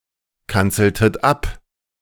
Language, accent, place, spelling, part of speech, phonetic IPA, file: German, Germany, Berlin, kanzeltet ab, verb, [ˌkant͡sl̩tət ˈap], De-kanzeltet ab.ogg
- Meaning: inflection of abkanzeln: 1. second-person plural preterite 2. second-person plural subjunctive II